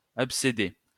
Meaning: inflection of abcéder: 1. second-person plural present indicative 2. second-person plural imperative
- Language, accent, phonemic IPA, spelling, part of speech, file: French, France, /ap.se.de/, abcédez, verb, LL-Q150 (fra)-abcédez.wav